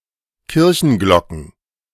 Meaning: plural of Kirchenglocke
- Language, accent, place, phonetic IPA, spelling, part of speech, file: German, Germany, Berlin, [ˈkɪʁçn̩ˌɡlɔkn̩], Kirchenglocken, noun, De-Kirchenglocken.ogg